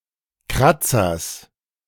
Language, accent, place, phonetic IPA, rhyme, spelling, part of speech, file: German, Germany, Berlin, [ˈkʁat͡sɐs], -at͡sɐs, Kratzers, noun, De-Kratzers.ogg
- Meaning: genitive singular of Kratzer